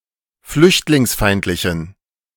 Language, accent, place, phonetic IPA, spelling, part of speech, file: German, Germany, Berlin, [ˈflʏçtlɪŋsˌfaɪ̯ntlɪçn̩], flüchtlingsfeindlichen, adjective, De-flüchtlingsfeindlichen.ogg
- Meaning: inflection of flüchtlingsfeindlich: 1. strong genitive masculine/neuter singular 2. weak/mixed genitive/dative all-gender singular 3. strong/weak/mixed accusative masculine singular